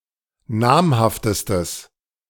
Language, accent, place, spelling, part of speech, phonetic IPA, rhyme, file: German, Germany, Berlin, namhaftestes, adjective, [ˈnaːmhaftəstəs], -aːmhaftəstəs, De-namhaftestes.ogg
- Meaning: strong/mixed nominative/accusative neuter singular superlative degree of namhaft